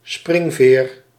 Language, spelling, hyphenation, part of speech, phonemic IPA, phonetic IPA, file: Dutch, springveer, spring‧veer, noun, /ˈsprɪŋ.veːr/, [ˈsprɪŋ.vɪːr], Nl-springveer.ogg
- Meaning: spring